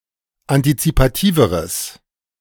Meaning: strong/mixed nominative/accusative neuter singular comparative degree of antizipativ
- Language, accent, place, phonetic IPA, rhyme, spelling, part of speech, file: German, Germany, Berlin, [antit͡sipaˈtiːvəʁəs], -iːvəʁəs, antizipativeres, adjective, De-antizipativeres.ogg